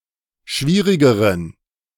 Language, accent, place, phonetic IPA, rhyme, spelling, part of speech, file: German, Germany, Berlin, [ˈʃviːʁɪɡəʁən], -iːʁɪɡəʁən, schwierigeren, adjective, De-schwierigeren.ogg
- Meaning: inflection of schwierig: 1. strong genitive masculine/neuter singular comparative degree 2. weak/mixed genitive/dative all-gender singular comparative degree